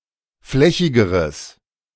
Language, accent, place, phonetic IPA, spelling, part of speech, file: German, Germany, Berlin, [ˈflɛçɪɡəʁəs], flächigeres, adjective, De-flächigeres.ogg
- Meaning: strong/mixed nominative/accusative neuter singular comparative degree of flächig